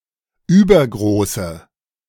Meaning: inflection of übergroß: 1. strong/mixed nominative/accusative feminine singular 2. strong nominative/accusative plural 3. weak nominative all-gender singular
- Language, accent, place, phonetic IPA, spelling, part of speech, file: German, Germany, Berlin, [ˈyːbɐɡʁoːsə], übergroße, adjective, De-übergroße.ogg